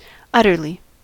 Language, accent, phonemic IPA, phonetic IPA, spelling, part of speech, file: English, US, /ˈʌtɚli/, [ˈʌɾɚli], utterly, adverb, En-us-utterly.ogg
- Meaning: Completely; entirely; to the fullest extent